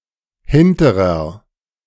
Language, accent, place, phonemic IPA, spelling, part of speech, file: German, Germany, Berlin, /ˈhɪntəʁɐ/, hinterer, adjective, De-hinterer.ogg
- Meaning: back, hind